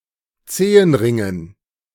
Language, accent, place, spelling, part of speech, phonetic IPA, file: German, Germany, Berlin, Zehenringen, noun, [ˈt͡seːənˌʁɪŋən], De-Zehenringen.ogg
- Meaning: dative plural of Zehenring